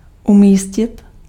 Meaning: 1. to place. (to put an object or person in a specific location) 2. to place. (to earn a given spot in a competition)
- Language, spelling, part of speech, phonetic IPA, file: Czech, umístit, verb, [ˈumiːscɪt], Cs-umístit.ogg